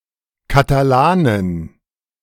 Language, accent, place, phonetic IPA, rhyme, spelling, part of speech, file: German, Germany, Berlin, [kataˈlaːnən], -aːnən, Katalanen, noun, De-Katalanen.ogg
- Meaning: plural of Katalane